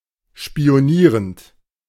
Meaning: present participle of spionieren
- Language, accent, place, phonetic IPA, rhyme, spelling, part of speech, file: German, Germany, Berlin, [ʃpi̯oˈniːʁənt], -iːʁənt, spionierend, verb, De-spionierend.ogg